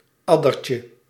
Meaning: diminutive of adder
- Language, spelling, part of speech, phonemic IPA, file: Dutch, addertje, noun, /ˈɑdərcə/, Nl-addertje.ogg